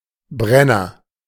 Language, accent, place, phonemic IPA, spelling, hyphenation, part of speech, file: German, Germany, Berlin, /ˈbʁɛnɐ/, Brenner, Bren‧ner, noun / proper noun, De-Brenner.ogg
- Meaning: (noun) 1. burner 2. distiller; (proper noun) 1. Brennero (a commune of South Tyrol, Italy) 2. Short for Brennerpass (the mountain pass)